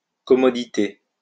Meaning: plural of commodité
- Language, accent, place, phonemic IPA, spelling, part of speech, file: French, France, Lyon, /kɔ.mɔ.di.te/, commodités, noun, LL-Q150 (fra)-commodités.wav